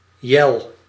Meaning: yell, a slogan to be shouted, especially in sports or games (e.g. by players, cheerleaders or the audience)
- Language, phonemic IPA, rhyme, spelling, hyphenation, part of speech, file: Dutch, /ˈjɛl/, -ɛl, yell, yell, noun, Nl-yell.ogg